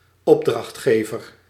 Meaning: a commissioner, one who commissions an action
- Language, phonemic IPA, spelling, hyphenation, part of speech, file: Dutch, /ˈɔp.drɑxtˌxeː.vər/, opdrachtgever, op‧dracht‧ge‧ver, noun, Nl-opdrachtgever.ogg